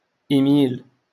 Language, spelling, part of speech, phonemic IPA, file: Moroccan Arabic, إيميل, noun, /ʔimiːl/, LL-Q56426 (ary)-إيميل.wav
- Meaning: email